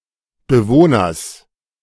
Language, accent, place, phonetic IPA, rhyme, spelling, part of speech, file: German, Germany, Berlin, [bəˈvoːnɐs], -oːnɐs, Bewohners, noun, De-Bewohners.ogg
- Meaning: genitive singular of Bewohner